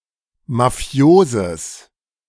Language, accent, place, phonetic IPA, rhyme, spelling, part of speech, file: German, Germany, Berlin, [maˈfi̯oːzəs], -oːzəs, mafioses, adjective, De-mafioses.ogg
- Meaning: strong/mixed nominative/accusative neuter singular of mafios